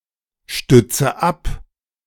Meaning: inflection of abstützen: 1. first-person singular present 2. first/third-person singular subjunctive I 3. singular imperative
- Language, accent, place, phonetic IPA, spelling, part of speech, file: German, Germany, Berlin, [ˌʃtʏt͡sə ˈap], stütze ab, verb, De-stütze ab.ogg